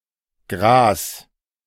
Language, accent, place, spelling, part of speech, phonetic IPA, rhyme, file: German, Germany, Berlin, gras, verb, [ɡʁaːs], -aːs, De-gras.ogg
- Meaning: 1. singular imperative of grasen 2. first-person singular present of grasen